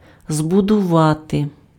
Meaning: to build, to construct
- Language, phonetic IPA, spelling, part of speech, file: Ukrainian, [zbʊdʊˈʋate], збудувати, verb, Uk-збудувати.ogg